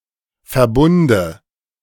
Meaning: nominative/accusative/genitive plural of Verbund
- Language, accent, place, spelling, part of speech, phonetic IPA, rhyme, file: German, Germany, Berlin, Verbunde, noun, [fɛɐ̯ˈbʊndə], -ʊndə, De-Verbunde.ogg